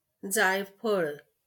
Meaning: nutmeg
- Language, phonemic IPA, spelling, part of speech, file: Marathi, /d͡zaj.pʰəɭ̆/, जायफळ, noun, LL-Q1571 (mar)-जायफळ.wav